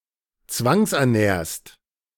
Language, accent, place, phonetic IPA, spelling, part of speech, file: German, Germany, Berlin, [ˈt͡svaŋsʔɛɐ̯ˌnɛːɐ̯st], zwangsernährst, verb, De-zwangsernährst.ogg
- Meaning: second-person singular present of zwangsernähren